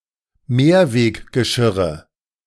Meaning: nominative/accusative/genitive plural of Mehrweggeschirr
- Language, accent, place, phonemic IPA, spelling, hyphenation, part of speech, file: German, Germany, Berlin, /ˈmeːɐ̯veːkɡəˌʃɪʁə/, Mehrweggeschirre, Mehr‧weg‧ge‧schir‧re, noun, De-Mehrweggeschirre.ogg